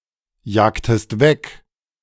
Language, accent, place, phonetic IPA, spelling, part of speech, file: German, Germany, Berlin, [ˌjaːktəst ˈvɛk], jagtest weg, verb, De-jagtest weg.ogg
- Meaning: inflection of wegjagen: 1. second-person singular preterite 2. second-person singular subjunctive II